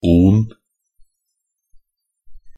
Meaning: 1. Used to form nouns denoting subatomic particles, quanta, molecular units, or substances; -on 2. Used to form nouns denoting certain organic compounds; -one, -on
- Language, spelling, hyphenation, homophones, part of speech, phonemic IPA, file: Norwegian Bokmål, -on, -on, onn / ånd, suffix, /uːn/, Nb--on1.ogg